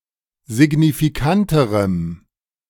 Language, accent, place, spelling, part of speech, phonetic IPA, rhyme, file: German, Germany, Berlin, signifikanterem, adjective, [zɪɡnifiˈkantəʁəm], -antəʁəm, De-signifikanterem.ogg
- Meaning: strong dative masculine/neuter singular comparative degree of signifikant